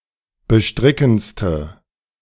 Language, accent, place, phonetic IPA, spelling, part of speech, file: German, Germany, Berlin, [bəˈʃtʁɪkn̩t͡stə], bestrickendste, adjective, De-bestrickendste.ogg
- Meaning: inflection of bestrickend: 1. strong/mixed nominative/accusative feminine singular superlative degree 2. strong nominative/accusative plural superlative degree